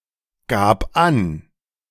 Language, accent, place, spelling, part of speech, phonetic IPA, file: German, Germany, Berlin, gab an, verb, [ˌɡaːp ˈan], De-gab an.ogg
- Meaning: first/third-person singular preterite of angeben